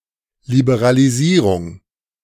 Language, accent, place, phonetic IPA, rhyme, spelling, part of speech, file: German, Germany, Berlin, [libeʁaliˈziːʁʊŋ], -iːʁʊŋ, Liberalisierung, noun, De-Liberalisierung.ogg
- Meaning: 1. liberalisation / liberalization 2. deregulation